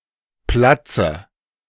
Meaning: dative singular of Platz
- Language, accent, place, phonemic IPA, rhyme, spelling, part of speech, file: German, Germany, Berlin, /ˈplatsə/, -atsə, Platze, noun, De-Platze.ogg